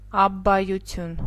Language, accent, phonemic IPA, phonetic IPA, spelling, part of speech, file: Armenian, Eastern Armenian, /ɑbbɑjuˈtʰjun/, [ɑbːɑjut͡sʰjún], աբբայություն, noun, Hy-աբբայություն.ogg
- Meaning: 1. abbey (monastery headed by an abbot) 2. abbey (the building or buildings occupied by a community of monks or nuns) 3. abbacy, abbotcy, abbotship